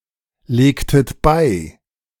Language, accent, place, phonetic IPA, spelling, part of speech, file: German, Germany, Berlin, [ˌleːktət ˈbaɪ̯], legtet bei, verb, De-legtet bei.ogg
- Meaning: inflection of beilegen: 1. second-person plural preterite 2. second-person plural subjunctive II